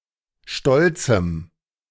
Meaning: strong dative masculine/neuter singular of stolz
- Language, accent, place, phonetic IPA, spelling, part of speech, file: German, Germany, Berlin, [ˈʃtɔlt͡sm̩], stolzem, adjective, De-stolzem.ogg